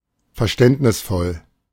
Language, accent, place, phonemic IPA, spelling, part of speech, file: German, Germany, Berlin, /fɛɐ̯ˈʃtɛntnɪsfɔl/, verständnisvoll, adjective, De-verständnisvoll.ogg
- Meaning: understanding, sympathetic, tolerant